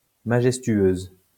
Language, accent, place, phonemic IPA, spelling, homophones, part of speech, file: French, France, Lyon, /ma.ʒɛs.tɥøz/, majestueuse, majestueuses, adjective, LL-Q150 (fra)-majestueuse.wav
- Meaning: feminine singular of majestueux